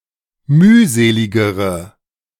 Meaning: inflection of mühselig: 1. strong/mixed nominative/accusative feminine singular comparative degree 2. strong nominative/accusative plural comparative degree
- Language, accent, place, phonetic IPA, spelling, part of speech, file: German, Germany, Berlin, [ˈmyːˌzeːlɪɡəʁə], mühseligere, adjective, De-mühseligere.ogg